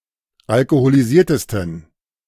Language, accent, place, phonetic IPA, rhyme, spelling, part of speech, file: German, Germany, Berlin, [alkoholiˈziːɐ̯təstn̩], -iːɐ̯təstn̩, alkoholisiertesten, adjective, De-alkoholisiertesten.ogg
- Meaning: 1. superlative degree of alkoholisiert 2. inflection of alkoholisiert: strong genitive masculine/neuter singular superlative degree